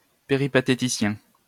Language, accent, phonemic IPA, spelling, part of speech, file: French, France, /pe.ʁi.pa.te.ti.sjɛ̃/, péripatéticien, noun / adjective, LL-Q150 (fra)-péripatéticien.wav
- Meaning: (noun) 1. a disciple of Aristotle, of the Peripatetic school 2. a peripatetic; a wanderer; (adjective) 1. of Aristotle and his philosophy; peripatetic 2. wandering; nomadic